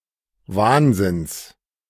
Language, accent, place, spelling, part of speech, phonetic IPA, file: German, Germany, Berlin, Wahnsinns, noun, [ˈvaːnzɪns], De-Wahnsinns.ogg
- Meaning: genitive singular of Wahnsinn